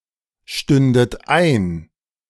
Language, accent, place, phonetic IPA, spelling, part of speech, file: German, Germany, Berlin, [ˌʃtʏndət ˈaɪ̯n], stündet ein, verb, De-stündet ein.ogg
- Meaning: second-person plural subjunctive II of einstehen